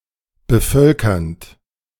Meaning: present participle of bevölkern
- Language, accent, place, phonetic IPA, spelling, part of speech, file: German, Germany, Berlin, [bəˈfœlkɐnt], bevölkernd, verb, De-bevölkernd.ogg